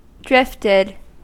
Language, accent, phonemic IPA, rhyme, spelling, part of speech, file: English, US, /ˈdɹɪftɪd/, -ɪftɪd, drifted, verb, En-us-drifted.ogg
- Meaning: simple past and past participle of drift